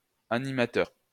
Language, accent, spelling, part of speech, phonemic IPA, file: French, France, animateur, noun, /a.ni.ma.tœʁ/, LL-Q150 (fra)-animateur.wav
- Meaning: 1. presenter 2. leader; group leader (person responsible for looking after or entertaining children)